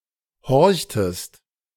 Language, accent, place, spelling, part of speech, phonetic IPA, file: German, Germany, Berlin, horchtest, verb, [ˈhɔʁçtəst], De-horchtest.ogg
- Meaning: inflection of horchen: 1. second-person singular preterite 2. second-person singular subjunctive II